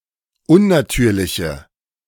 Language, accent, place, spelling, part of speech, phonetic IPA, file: German, Germany, Berlin, unnatürliche, adjective, [ˈʊnnaˌtyːɐ̯lɪçə], De-unnatürliche.ogg
- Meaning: inflection of unnatürlich: 1. strong/mixed nominative/accusative feminine singular 2. strong nominative/accusative plural 3. weak nominative all-gender singular